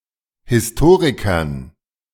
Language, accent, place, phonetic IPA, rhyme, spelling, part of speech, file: German, Germany, Berlin, [hɪsˈtoːʁɪkɐn], -oːʁɪkɐn, Historikern, noun, De-Historikern.ogg
- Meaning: dative plural of Historiker